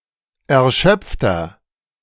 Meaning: 1. comparative degree of erschöpft 2. inflection of erschöpft: strong/mixed nominative masculine singular 3. inflection of erschöpft: strong genitive/dative feminine singular
- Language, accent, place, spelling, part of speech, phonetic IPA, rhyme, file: German, Germany, Berlin, erschöpfter, adjective, [ɛɐ̯ˈʃœp͡ftɐ], -œp͡ftɐ, De-erschöpfter.ogg